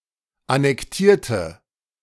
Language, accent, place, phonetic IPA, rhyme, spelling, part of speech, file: German, Germany, Berlin, [anɛkˈtiːɐ̯tə], -iːɐ̯tə, annektierte, adjective / verb, De-annektierte.ogg
- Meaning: inflection of annektieren: 1. first/third-person singular preterite 2. first/third-person singular subjunctive II